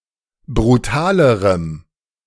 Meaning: strong dative masculine/neuter singular comparative degree of brutal
- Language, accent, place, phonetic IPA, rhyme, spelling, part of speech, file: German, Germany, Berlin, [bʁuˈtaːləʁəm], -aːləʁəm, brutalerem, adjective, De-brutalerem.ogg